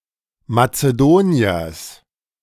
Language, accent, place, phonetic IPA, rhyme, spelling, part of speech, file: German, Germany, Berlin, [mat͡səˈdoːni̯ɐs], -oːni̯ɐs, Mazedoniers, noun, De-Mazedoniers.ogg
- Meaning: genitive singular of Mazedonier